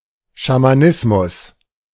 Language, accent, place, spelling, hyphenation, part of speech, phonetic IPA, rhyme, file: German, Germany, Berlin, Schamanismus, Scha‧ma‧nis‧mus, noun, [ʃamaˈnɪsmʊs], -ɪsmʊs, De-Schamanismus.ogg
- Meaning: shamanism